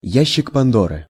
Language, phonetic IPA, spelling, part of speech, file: Russian, [ˈjæɕːɪk pɐnˈdorɨ], ящик Пандоры, noun, Ru-ящик Пандоры.ogg
- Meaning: Pandora's box